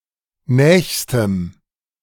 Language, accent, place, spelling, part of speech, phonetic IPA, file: German, Germany, Berlin, nächstem, adjective, [ˈnɛːçstəm], De-nächstem.ogg
- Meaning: strong dative masculine/neuter singular superlative degree of nah